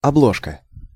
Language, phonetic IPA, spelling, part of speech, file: Russian, [ɐˈbɫoʂkə], обложка, noun, Ru-обложка.ogg
- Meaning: cover (front and back of a book or a magazine)